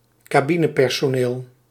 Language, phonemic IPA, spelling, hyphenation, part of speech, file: Dutch, /kaːˈbi.nə.pɛr.soːˌneːl/, cabinepersoneel, ca‧bi‧ne‧per‧so‧neel, noun, Nl-cabinepersoneel.ogg
- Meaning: cabin crew (in an aircraft)